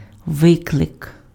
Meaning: 1. call 2. summons, subpoena 3. challenge
- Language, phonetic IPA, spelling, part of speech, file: Ukrainian, [ˈʋɪkɫek], виклик, noun, Uk-виклик.ogg